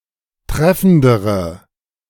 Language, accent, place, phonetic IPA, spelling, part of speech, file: German, Germany, Berlin, [ˈtʁɛfn̩dəʁə], treffendere, adjective, De-treffendere.ogg
- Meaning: inflection of treffend: 1. strong/mixed nominative/accusative feminine singular comparative degree 2. strong nominative/accusative plural comparative degree